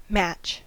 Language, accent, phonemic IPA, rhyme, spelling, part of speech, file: English, US, /mæt͡ʃ/, -ætʃ, match, noun / verb, En-us-match.ogg
- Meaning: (noun) Any contest or trial of strength or skill, or to determine superiority